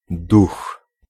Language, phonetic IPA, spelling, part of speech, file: Polish, [dux], duch, noun, Pl-duch.ogg